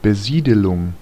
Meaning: 1. settlement 2. colonization
- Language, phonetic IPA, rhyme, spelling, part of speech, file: German, [bəˈziːdəlʊŋ], -iːdəlʊŋ, Besiedelung, noun, De-Besiedelung.ogg